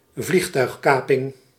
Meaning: an aeroplane hijacking
- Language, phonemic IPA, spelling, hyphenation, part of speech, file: Dutch, /ˈvlix.tœy̯xˌkaː.pɪŋ/, vliegtuigkaping, vlieg‧tuig‧ka‧ping, noun, Nl-vliegtuigkaping.ogg